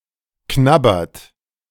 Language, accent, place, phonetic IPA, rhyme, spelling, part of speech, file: German, Germany, Berlin, [ˈknabɐt], -abɐt, knabbert, verb, De-knabbert.ogg
- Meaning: inflection of knabbern: 1. third-person singular present 2. second-person plural present 3. plural imperative